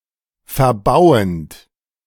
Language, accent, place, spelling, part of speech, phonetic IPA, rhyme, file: German, Germany, Berlin, verbauend, verb, [fɛɐ̯ˈbaʊ̯ənt], -aʊ̯ənt, De-verbauend.ogg
- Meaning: present participle of verbauen